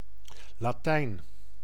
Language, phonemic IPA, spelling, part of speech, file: Dutch, /laˈtɛin/, Latijn, proper noun, Nl-Latijn.ogg
- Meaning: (proper noun) Latin language; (noun) Latin, a citizen of Ancient Rome or the region of Latium